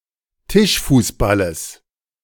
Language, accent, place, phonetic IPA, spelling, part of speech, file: German, Germany, Berlin, [ˈtɪʃfuːsˌbaləs], Tischfußballes, noun, De-Tischfußballes.ogg
- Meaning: genitive singular of Tischfußball